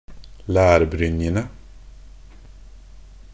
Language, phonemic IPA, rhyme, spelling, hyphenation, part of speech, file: Norwegian Bokmål, /læːrbrʏnjənə/, -ənə, lærbrynjene, lær‧bryn‧je‧ne, noun, Nb-lærbrynjene.ogg
- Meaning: definite plural of lærbrynje